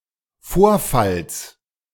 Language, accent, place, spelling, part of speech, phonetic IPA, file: German, Germany, Berlin, Vorfalls, noun, [ˈfoːɐ̯fals], De-Vorfalls.ogg
- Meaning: genitive singular of Vorfall